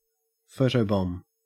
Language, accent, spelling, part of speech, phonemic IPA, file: English, Australia, photobomb, verb / noun, /ˈfəʊtəʊˌbɒm/, En-au-photobomb.ogg
- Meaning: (verb) To unexpectedly appear in a photograph, especially so as to ruin the picture; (noun) 1. An act of photobombing 2. A photo containing someone or something that is photobombing